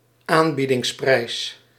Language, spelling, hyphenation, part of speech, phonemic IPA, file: Dutch, aanbiedingsprijs, aan‧bie‧dings‧prijs, noun, /ˈaːn.bi.dɪŋsˌprɛi̯s/, Nl-aanbiedingsprijs.ogg
- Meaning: special offer, discount price